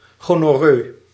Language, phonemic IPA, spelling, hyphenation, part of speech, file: Dutch, /ˌɣoːnɔˈrøː/, gonorroe, go‧nor‧roe, noun, Nl-gonorroe.ogg
- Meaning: the STD gonorrhea